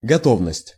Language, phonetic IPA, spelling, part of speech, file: Russian, [ɡɐˈtovnəsʲtʲ], готовность, noun, Ru-готовность.ogg
- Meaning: 1. preparedness, readiness 2. willingness